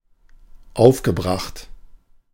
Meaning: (verb) past participle of aufbringen; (adjective) 1. upset 2. furious, outraged, incensed
- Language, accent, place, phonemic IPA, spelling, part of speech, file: German, Germany, Berlin, /ˈaʊ̯fɡəˌbʁaxt/, aufgebracht, verb / adjective, De-aufgebracht.ogg